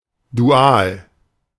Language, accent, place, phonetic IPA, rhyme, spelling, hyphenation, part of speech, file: German, Germany, Berlin, [duˈaːl], -aːl, dual, du‧al, adjective, De-dual.ogg
- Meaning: dual